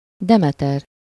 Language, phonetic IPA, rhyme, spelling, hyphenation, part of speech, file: Hungarian, [ˈdɛmɛtɛr], -ɛr, Demeter, De‧me‧ter, proper noun, Hu-Demeter.ogg
- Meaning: a male given name, equivalent to English Demetrius